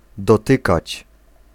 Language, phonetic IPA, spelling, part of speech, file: Polish, [dɔˈtɨkat͡ɕ], dotykać, verb, Pl-dotykać.ogg